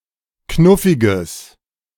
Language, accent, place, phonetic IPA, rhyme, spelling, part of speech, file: German, Germany, Berlin, [ˈknʊfɪɡəs], -ʊfɪɡəs, knuffiges, adjective, De-knuffiges.ogg
- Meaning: strong/mixed nominative/accusative neuter singular of knuffig